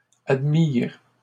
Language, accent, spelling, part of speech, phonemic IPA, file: French, Canada, admirent, verb, /ad.miʁ/, LL-Q150 (fra)-admirent.wav
- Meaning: 1. third-person plural indicative present of admirer 2. third-person plural past historic of admettre